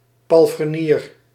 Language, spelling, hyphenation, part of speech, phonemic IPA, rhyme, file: Dutch, palfrenier, pal‧fre‧nier, noun, /ˌpɑl.frəˈniːr/, -iːr, Nl-palfrenier.ogg
- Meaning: 1. a coach attendant, a servant and driver of a carriage 2. a stablehand